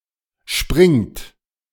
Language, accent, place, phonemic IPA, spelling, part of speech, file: German, Germany, Berlin, /ʃpʁɪŋt/, springt, verb, De-springt.ogg
- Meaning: inflection of springen: 1. third-person singular present 2. second-person plural present 3. plural imperative